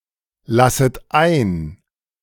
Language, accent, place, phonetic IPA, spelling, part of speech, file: German, Germany, Berlin, [ˌlasət ˈaɪ̯n], lasset ein, verb, De-lasset ein.ogg
- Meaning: second-person plural subjunctive I of einlassen